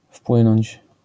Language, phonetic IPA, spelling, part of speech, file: Polish, [ˈfpwɨ̃nɔ̃ɲt͡ɕ], wpłynąć, verb, LL-Q809 (pol)-wpłynąć.wav